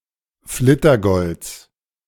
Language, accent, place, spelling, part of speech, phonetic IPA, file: German, Germany, Berlin, Flittergolds, noun, [ˈflɪtɐˌɡɔlt͡s], De-Flittergolds.ogg
- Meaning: genitive singular of Flittergold